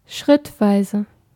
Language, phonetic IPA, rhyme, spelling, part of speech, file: German, [ˈʃʁɪtˌvaɪ̯zə], -ɪtvaɪ̯zə, schrittweise, adverb / adjective, De-schrittweise.ogg
- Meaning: step-by-step, incremental, gradual